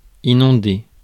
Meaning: 1. to flood (to overflow) 2. to inundate
- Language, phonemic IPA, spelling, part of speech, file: French, /i.nɔ̃.de/, inonder, verb, Fr-inonder.ogg